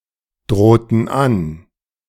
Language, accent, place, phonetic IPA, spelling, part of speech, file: German, Germany, Berlin, [ˌdʁoːtn̩ ˈan], drohten an, verb, De-drohten an.ogg
- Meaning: inflection of androhen: 1. first/third-person plural preterite 2. first/third-person plural subjunctive II